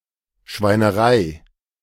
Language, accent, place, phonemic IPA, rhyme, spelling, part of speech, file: German, Germany, Berlin, /ʃvaɪ̯nəˈʁaɪ̯/, -aɪ̯, Schweinerei, noun, De-Schweinerei.ogg
- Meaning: 1. mess, nastiness, smutty business 2. smut, filth, dirtiness